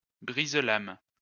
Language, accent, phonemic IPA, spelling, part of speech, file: French, France, /bʁiz.lam/, brise-lames, noun, LL-Q150 (fra)-brise-lames.wav
- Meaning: breakwater (construction in or around a harbour)